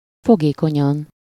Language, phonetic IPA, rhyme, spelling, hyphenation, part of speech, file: Hungarian, [ˈfoɡeːkoɲɒn], -ɒn, fogékonyan, fo‧gé‧ko‧nyan, adverb, Hu-fogékonyan.ogg
- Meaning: susceptibly, responsively, perceptively